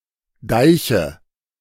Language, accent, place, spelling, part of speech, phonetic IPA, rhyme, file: German, Germany, Berlin, Deiche, noun, [ˈdaɪ̯çə], -aɪ̯çə, De-Deiche.ogg
- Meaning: nominative/accusative/genitive plural of Deich